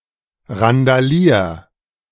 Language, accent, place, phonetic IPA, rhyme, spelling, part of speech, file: German, Germany, Berlin, [ʁandaˈliːɐ̯], -iːɐ̯, randalier, verb, De-randalier.ogg
- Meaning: 1. singular imperative of randalieren 2. first-person singular present of randalieren